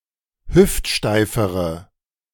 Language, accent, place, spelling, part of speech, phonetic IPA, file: German, Germany, Berlin, hüftsteifere, adjective, [ˈhʏftˌʃtaɪ̯fəʁə], De-hüftsteifere.ogg
- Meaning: inflection of hüftsteif: 1. strong/mixed nominative/accusative feminine singular comparative degree 2. strong nominative/accusative plural comparative degree